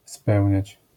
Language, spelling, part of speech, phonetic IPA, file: Polish, spełniać, verb, [ˈspɛwʲɲät͡ɕ], LL-Q809 (pol)-spełniać.wav